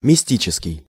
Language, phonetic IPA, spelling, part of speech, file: Russian, [mʲɪˈsʲtʲit͡ɕɪskʲɪj], мистический, adjective, Ru-мистический.ogg
- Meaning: mystical, mystic